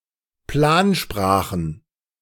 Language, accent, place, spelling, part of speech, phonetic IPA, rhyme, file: German, Germany, Berlin, Plansprachen, noun, [ˈplaːnˌʃpʁaːxn̩], -aːnʃpʁaːxn̩, De-Plansprachen.ogg
- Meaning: plural of Plansprache